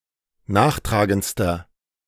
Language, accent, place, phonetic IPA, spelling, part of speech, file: German, Germany, Berlin, [ˈnaːxˌtʁaːɡənt͡stɐ], nachtragendster, adjective, De-nachtragendster.ogg
- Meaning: inflection of nachtragend: 1. strong/mixed nominative masculine singular superlative degree 2. strong genitive/dative feminine singular superlative degree 3. strong genitive plural superlative degree